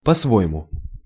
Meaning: 1. in one’s own way 2. according to one’s way of thinking 3. according to one’s way of doing
- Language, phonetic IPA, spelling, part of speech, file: Russian, [pɐ‿ˈsvo(j)ɪmʊ], по-своему, adverb, Ru-по-своему.ogg